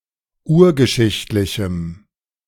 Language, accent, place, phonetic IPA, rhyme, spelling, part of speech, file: German, Germany, Berlin, [ˈuːɐ̯ɡəˌʃɪçtlɪçm̩], -uːɐ̯ɡəʃɪçtlɪçm̩, urgeschichtlichem, adjective, De-urgeschichtlichem.ogg
- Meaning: strong dative masculine/neuter singular of urgeschichtlich